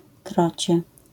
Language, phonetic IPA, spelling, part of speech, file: Polish, [ˈkrɔt͡ɕɛ], krocie, noun, LL-Q809 (pol)-krocie.wav